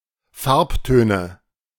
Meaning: nominative/accusative/genitive plural of Farbton
- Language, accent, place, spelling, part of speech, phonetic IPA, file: German, Germany, Berlin, Farbtöne, noun, [ˈfaʁpˌtøːnə], De-Farbtöne.ogg